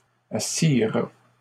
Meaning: third-person plural past historic of asseoir
- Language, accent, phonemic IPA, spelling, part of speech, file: French, Canada, /a.siʁ/, assirent, verb, LL-Q150 (fra)-assirent.wav